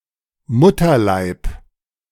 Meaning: womb, uterus
- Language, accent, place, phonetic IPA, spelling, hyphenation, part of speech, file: German, Germany, Berlin, [ˈmʊtɐˌlaɪ̯p], Mutterleib, Mut‧ter‧leib, noun, De-Mutterleib.ogg